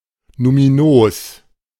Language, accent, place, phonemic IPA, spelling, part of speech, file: German, Germany, Berlin, /numiˈnoːs/, numinos, adjective, De-numinos.ogg
- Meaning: numinous